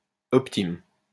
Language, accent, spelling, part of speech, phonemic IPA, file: French, France, optime, adjective, /ɔp.tim/, LL-Q150 (fra)-optime.wav
- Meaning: great, optimum